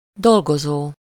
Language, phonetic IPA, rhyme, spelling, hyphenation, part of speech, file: Hungarian, [ˈdolɡozoː], -zoː, dolgozó, dol‧go‧zó, verb / noun, Hu-dolgozó.ogg
- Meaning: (verb) present participle of dolgozik; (noun) employee